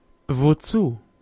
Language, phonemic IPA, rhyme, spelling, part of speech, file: German, /voːˈt͡suː/, -uː, wozu, adverb, De-wozu.ogg
- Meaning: 1. for what reason, to what purpose, what for, why? 2. to what, for what, etc 3. for which reason, to which purpose 4. to which, for which, etc